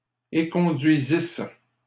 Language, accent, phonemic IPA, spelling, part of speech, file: French, Canada, /e.kɔ̃.dɥi.zis/, éconduisisse, verb, LL-Q150 (fra)-éconduisisse.wav
- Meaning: first-person singular imperfect subjunctive of éconduire